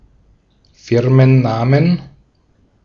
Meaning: plural of Firmenname
- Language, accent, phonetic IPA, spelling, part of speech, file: German, Austria, [ˈfɪʁmənˌnaːmən], Firmennamen, noun, De-at-Firmennamen.ogg